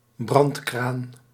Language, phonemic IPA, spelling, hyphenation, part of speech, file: Dutch, /ˈbrɑnt.kraːn/, brandkraan, brand‧kraan, noun, Nl-brandkraan.ogg
- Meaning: fire hydrant